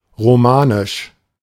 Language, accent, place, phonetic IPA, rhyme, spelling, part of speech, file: German, Germany, Berlin, [ʁoˈmaːnɪʃ], -aːnɪʃ, romanisch, adjective, De-romanisch.ogg
- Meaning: 1. Romance 2. Romanesque